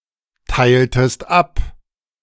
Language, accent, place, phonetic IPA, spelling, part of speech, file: German, Germany, Berlin, [ˌtaɪ̯ltəst ˈap], teiltest ab, verb, De-teiltest ab.ogg
- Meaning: inflection of abteilen: 1. second-person singular preterite 2. second-person singular subjunctive II